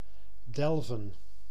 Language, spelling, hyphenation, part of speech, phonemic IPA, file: Dutch, delven, del‧ven, verb, /ˈdɛlvə(n)/, Nl-delven.ogg
- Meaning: to delve, dig, excavate